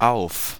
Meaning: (preposition) 1. [with dative] on, upon (positioned at the top of) 2. [with accusative] on, onto, up (moving to the top of) 3. [with accusative] on (indicating responsibility)
- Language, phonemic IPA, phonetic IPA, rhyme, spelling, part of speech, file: German, /aʊ̯f/, [ʔaʊ̯f], -aʊ̯f, auf, preposition / adjective / adverb / interjection, De-auf.ogg